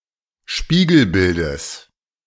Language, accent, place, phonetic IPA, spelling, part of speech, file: German, Germany, Berlin, [ˈʃpiːɡl̩ˌbɪldəs], Spiegelbildes, noun, De-Spiegelbildes.ogg
- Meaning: genitive singular of Spiegelbild